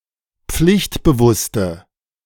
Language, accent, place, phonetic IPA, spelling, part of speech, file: German, Germany, Berlin, [ˈp͡flɪçtbəˌvʊstə], pflichtbewusste, adjective, De-pflichtbewusste.ogg
- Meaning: inflection of pflichtbewusst: 1. strong/mixed nominative/accusative feminine singular 2. strong nominative/accusative plural 3. weak nominative all-gender singular